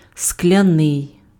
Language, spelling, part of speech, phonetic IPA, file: Ukrainian, скляний, adjective, [sklʲɐˈnɪi̯], Uk-скляний.ogg
- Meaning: 1. glass 2. made of glass 3. glassy (of or like glass, especially in being smooth and somewhat reflective.) 4. glassy (dull; expressionless.)